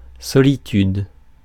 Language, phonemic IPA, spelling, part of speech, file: French, /sɔ.li.tyd/, solitude, noun, Fr-solitude.ogg
- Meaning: 1. solitude 2. loneliness